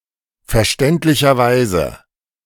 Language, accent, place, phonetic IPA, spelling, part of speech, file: German, Germany, Berlin, [fɛɐ̯ˈʃtɛntlɪçɐˌvaɪ̯zə], verständlicherweise, adverb, De-verständlicherweise.ogg
- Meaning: understandably, understandably enough